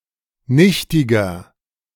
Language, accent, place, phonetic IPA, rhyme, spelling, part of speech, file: German, Germany, Berlin, [ˈnɪçtɪɡɐ], -ɪçtɪɡɐ, nichtiger, adjective, De-nichtiger.ogg
- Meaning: 1. comparative degree of nichtig 2. inflection of nichtig: strong/mixed nominative masculine singular 3. inflection of nichtig: strong genitive/dative feminine singular